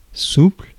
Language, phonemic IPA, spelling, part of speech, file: French, /supl/, souple, adjective, Fr-souple.ogg
- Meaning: 1. supple 2. yielding 3. flexible